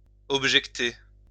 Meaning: 1. to object to (oppose oneself to something or someone) 2. to adduce, to allege (propose as a justification or excuse)
- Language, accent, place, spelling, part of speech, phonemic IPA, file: French, France, Lyon, objecter, verb, /ɔb.ʒɛk.te/, LL-Q150 (fra)-objecter.wav